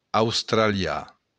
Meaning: Australian
- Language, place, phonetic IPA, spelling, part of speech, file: Occitan, Béarn, [awstɾaˈlja], australian, adjective, LL-Q14185 (oci)-australian.wav